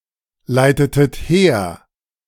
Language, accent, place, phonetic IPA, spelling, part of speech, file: German, Germany, Berlin, [ˌlaɪ̯tətət ˈheːɐ̯], leitetet her, verb, De-leitetet her.ogg
- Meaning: inflection of herleiten: 1. second-person plural preterite 2. second-person plural subjunctive II